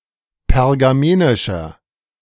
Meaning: inflection of pergamenisch: 1. strong/mixed nominative masculine singular 2. strong genitive/dative feminine singular 3. strong genitive plural
- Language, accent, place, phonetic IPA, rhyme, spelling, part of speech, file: German, Germany, Berlin, [pɛʁɡaˈmeːnɪʃɐ], -eːnɪʃɐ, pergamenischer, adjective, De-pergamenischer.ogg